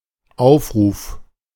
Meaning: 1. call to action 2. roll call 3. call 4. playback (the replaying of something previously recorded, especially sound or moving images) 5. play (an instance of watching or listening to digital media)
- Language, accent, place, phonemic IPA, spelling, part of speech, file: German, Germany, Berlin, /ˈaʊ̯fˌʁuːf/, Aufruf, noun, De-Aufruf.ogg